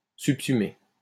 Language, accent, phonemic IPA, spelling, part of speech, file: French, France, /syp.sy.me/, subsumer, verb, LL-Q150 (fra)-subsumer.wav
- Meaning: to subsume (to place under another as belonging to it)